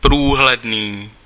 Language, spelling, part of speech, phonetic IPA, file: Czech, průhledný, adjective, [ˈpruːɦlɛdniː], Cs-průhledný.ogg
- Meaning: transparent